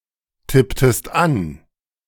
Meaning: inflection of antippen: 1. second-person singular preterite 2. second-person singular subjunctive II
- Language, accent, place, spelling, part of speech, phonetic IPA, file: German, Germany, Berlin, tipptest an, verb, [ˌtɪptəst ˈan], De-tipptest an.ogg